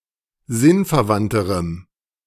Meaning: strong dative masculine/neuter singular comparative degree of sinnverwandt
- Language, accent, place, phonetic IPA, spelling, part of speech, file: German, Germany, Berlin, [ˈzɪnfɛɐ̯ˌvantəʁəm], sinnverwandterem, adjective, De-sinnverwandterem.ogg